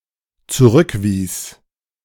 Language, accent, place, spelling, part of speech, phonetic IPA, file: German, Germany, Berlin, zurückwies, verb, [t͡suˈʁʏkˌviːs], De-zurückwies.ogg
- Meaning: first/third-person singular dependent preterite of zurückweisen